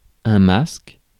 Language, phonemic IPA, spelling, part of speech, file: French, /mask/, masque, noun / verb, Fr-masque.ogg
- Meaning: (noun) 1. mask (a cover, or partial cover, for the face, used for disguise or protection) 2. ellipsis of masque de grossesse